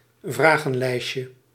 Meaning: diminutive of vragenlijst
- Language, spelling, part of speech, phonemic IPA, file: Dutch, vragenlijstje, noun, /ˈvraɣə(n)ˌlɛiʃə/, Nl-vragenlijstje.ogg